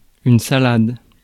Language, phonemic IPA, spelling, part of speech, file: French, /sa.lad/, salade, noun, Fr-salade.ogg
- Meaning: 1. salad (raw vegetables in general) 2. salad (a serving of raw vegetables) 3. bullshit, nonsense 4. sallet